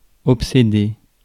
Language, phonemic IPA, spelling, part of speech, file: French, /ɔp.se.de/, obséder, verb, Fr-obséder.ogg
- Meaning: to obsess